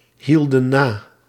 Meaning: inflection of nahouden: 1. plural past indicative 2. plural past subjunctive
- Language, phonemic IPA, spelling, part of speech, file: Dutch, /ˈhildə(n) ˈna/, hielden na, verb, Nl-hielden na.ogg